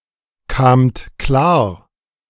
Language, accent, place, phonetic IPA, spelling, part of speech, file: German, Germany, Berlin, [kaːmt ˈklaːɐ̯], kamt klar, verb, De-kamt klar.ogg
- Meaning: second-person plural preterite of klarkommen